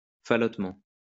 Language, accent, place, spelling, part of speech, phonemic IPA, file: French, France, Lyon, falotement, adverb, /fa.lɔt.mɑ̃/, LL-Q150 (fra)-falotement.wav
- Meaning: drolly